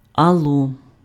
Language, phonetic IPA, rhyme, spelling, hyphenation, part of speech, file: Ukrainian, [ɐˈɫːɔ], -ɔ, алло, ал‧ло, interjection, Uk-алло.ogg
- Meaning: hello!